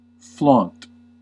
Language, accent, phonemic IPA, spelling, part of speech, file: English, US, /flɑnt/, flaunt, verb / noun, En-us-flaunt.ogg
- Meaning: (verb) 1. To wave or flutter smartly in the wind 2. To parade, display with ostentation 3. To show off, as with flashy clothing; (noun) Anything displayed for show; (verb) To flout